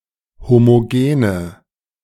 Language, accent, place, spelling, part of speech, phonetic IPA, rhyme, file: German, Germany, Berlin, homogene, adjective, [ˌhomoˈɡeːnə], -eːnə, De-homogene.ogg
- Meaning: inflection of homogen: 1. strong/mixed nominative/accusative feminine singular 2. strong nominative/accusative plural 3. weak nominative all-gender singular 4. weak accusative feminine/neuter singular